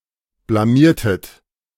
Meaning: inflection of blamieren: 1. second-person plural preterite 2. second-person plural subjunctive II
- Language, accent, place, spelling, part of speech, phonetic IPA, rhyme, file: German, Germany, Berlin, blamiertet, verb, [blaˈmiːɐ̯tət], -iːɐ̯tət, De-blamiertet.ogg